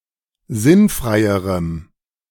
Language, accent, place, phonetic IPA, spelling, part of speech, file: German, Germany, Berlin, [ˈzɪnˌfʁaɪ̯əʁəm], sinnfreierem, adjective, De-sinnfreierem.ogg
- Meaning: strong dative masculine/neuter singular comparative degree of sinnfrei